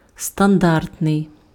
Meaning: standard
- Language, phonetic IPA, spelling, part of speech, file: Ukrainian, [stɐnˈdartnei̯], стандартний, adjective, Uk-стандартний.ogg